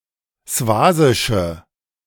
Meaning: inflection of swasisch: 1. strong/mixed nominative/accusative feminine singular 2. strong nominative/accusative plural 3. weak nominative all-gender singular
- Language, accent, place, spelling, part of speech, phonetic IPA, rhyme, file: German, Germany, Berlin, swasische, adjective, [ˈsvaːzɪʃə], -aːzɪʃə, De-swasische.ogg